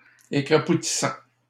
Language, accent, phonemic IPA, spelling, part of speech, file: French, Canada, /e.kʁa.pu.ti.sɑ̃/, écrapoutissant, verb, LL-Q150 (fra)-écrapoutissant.wav
- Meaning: present participle of écrapoutir